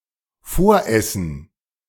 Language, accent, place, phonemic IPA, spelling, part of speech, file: German, Germany, Berlin, /ˈfoːɐ̯ˌʔɛsn̩/, Voressen, noun, De-Voressen.ogg
- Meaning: 1. appetizer 2. ragout